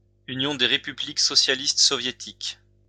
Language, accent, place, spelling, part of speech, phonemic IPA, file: French, France, Lyon, Union des républiques socialistes soviétiques, proper noun, /y.njɔ̃ de ʁe.py.blik sɔ.sja.list sɔ.vje.tik/, LL-Q150 (fra)-Union des républiques socialistes soviétiques.wav
- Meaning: Union of Soviet Socialist Republics (a former transcontinental country in Europe and Asia (1922–1991), now split into Russia and 14 other countries; short form Union soviétique; abbreviation URSS)